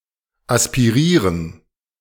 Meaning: to aspirate
- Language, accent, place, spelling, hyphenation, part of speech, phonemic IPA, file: German, Germany, Berlin, aspirieren, as‧pi‧rie‧ren, verb, /ˌaspiˈʁiːʁən/, De-aspirieren.ogg